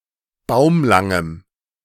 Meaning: strong dative masculine/neuter singular of baumlang
- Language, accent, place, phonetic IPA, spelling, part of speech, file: German, Germany, Berlin, [ˈbaʊ̯mlaŋəm], baumlangem, adjective, De-baumlangem.ogg